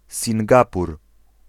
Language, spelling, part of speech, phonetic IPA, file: Polish, Singapur, proper noun, [sʲĩŋˈɡapur], Pl-Singapur.ogg